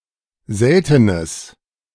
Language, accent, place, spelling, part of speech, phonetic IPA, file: German, Germany, Berlin, seltenes, adjective, [ˈzɛltənəs], De-seltenes.ogg
- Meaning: strong/mixed nominative/accusative neuter singular of selten